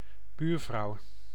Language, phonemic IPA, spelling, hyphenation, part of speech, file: Dutch, /ˈbyːr.vrɑu̯/, buurvrouw, buur‧vrouw, noun, Nl-buurvrouw.ogg
- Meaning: neighbour (female)